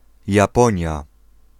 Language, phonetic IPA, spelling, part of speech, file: Polish, [jaˈpɔ̃ɲja], Japonia, proper noun, Pl-Japonia.ogg